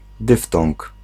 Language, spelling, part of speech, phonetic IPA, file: Polish, dyftong, noun, [ˈdɨftɔ̃ŋk], Pl-dyftong.ogg